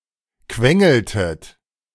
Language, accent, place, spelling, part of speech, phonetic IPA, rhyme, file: German, Germany, Berlin, quengeltet, verb, [ˈkvɛŋl̩tət], -ɛŋl̩tət, De-quengeltet.ogg
- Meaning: inflection of quengeln: 1. second-person plural preterite 2. second-person plural subjunctive II